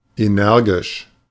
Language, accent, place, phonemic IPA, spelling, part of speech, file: German, Germany, Berlin, /eːˈnɛʁɡɪʃ/, energisch, adjective, De-energisch.ogg
- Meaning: energetic, firm